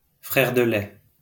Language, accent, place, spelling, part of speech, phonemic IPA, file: French, France, Lyon, frère de lait, noun, /fʁɛʁ də lɛ/, LL-Q150 (fra)-frère de lait.wav
- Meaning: foster brother